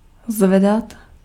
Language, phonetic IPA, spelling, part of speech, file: Czech, [ˈzvɛdat], zvedat, verb, Cs-zvedat.ogg
- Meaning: 1. to lift 2. to raise (cause to rise)